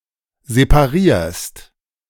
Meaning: second-person singular present of separieren
- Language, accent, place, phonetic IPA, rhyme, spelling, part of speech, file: German, Germany, Berlin, [zepaˈʁiːɐ̯st], -iːɐ̯st, separierst, verb, De-separierst.ogg